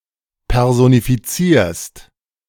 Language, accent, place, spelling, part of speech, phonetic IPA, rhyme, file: German, Germany, Berlin, personifizierst, verb, [ˌpɛʁzonifiˈt͡siːɐ̯st], -iːɐ̯st, De-personifizierst.ogg
- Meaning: second-person singular present of personifizieren